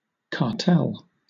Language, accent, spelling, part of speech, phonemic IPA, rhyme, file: English, Southern England, cartel, noun, /kɑːˈtɛl/, -ɛl, LL-Q1860 (eng)-cartel.wav
- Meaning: 1. A group of businesses or nations that collude to limit competition within an industry or market 2. A combination of political groups (notably parties) for common action